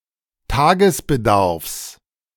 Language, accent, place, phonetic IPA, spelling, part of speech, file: German, Germany, Berlin, [ˈtaːɡəsbəˌdaʁfs], Tagesbedarfs, noun, De-Tagesbedarfs.ogg
- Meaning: genitive singular of Tagesbedarf